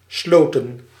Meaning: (noun) 1. plural of slot 2. plural of sloot; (verb) inflection of sluiten: 1. plural past indicative 2. plural past subjunctive
- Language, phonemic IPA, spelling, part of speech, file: Dutch, /ˈslotə(n)/, sloten, verb / noun, Nl-sloten.ogg